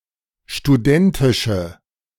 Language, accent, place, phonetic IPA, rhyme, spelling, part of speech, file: German, Germany, Berlin, [ʃtuˈdɛntɪʃə], -ɛntɪʃə, studentische, adjective, De-studentische.ogg
- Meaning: inflection of studentisch: 1. strong/mixed nominative/accusative feminine singular 2. strong nominative/accusative plural 3. weak nominative all-gender singular